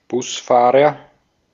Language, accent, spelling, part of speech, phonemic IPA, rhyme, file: German, Austria, Busfahrer, noun, /ˈbʊsˌfaːʁɐ/, -aːʁɐ, De-at-Busfahrer.ogg
- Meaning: bus driver (male or of unspecified gender)